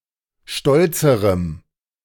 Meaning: strong dative masculine/neuter singular comparative degree of stolz
- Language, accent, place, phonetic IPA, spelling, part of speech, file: German, Germany, Berlin, [ˈʃtɔlt͡səʁəm], stolzerem, adjective, De-stolzerem.ogg